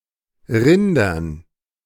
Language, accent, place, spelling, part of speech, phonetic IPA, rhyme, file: German, Germany, Berlin, Rindern, noun, [ˈʁɪndɐn], -ɪndɐn, De-Rindern.ogg
- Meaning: dative plural of Rind